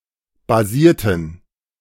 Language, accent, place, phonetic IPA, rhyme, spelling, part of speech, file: German, Germany, Berlin, [baˈziːɐ̯tn̩], -iːɐ̯tn̩, basierten, adjective / verb, De-basierten.ogg
- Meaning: inflection of basieren: 1. first/third-person plural preterite 2. first/third-person plural subjunctive II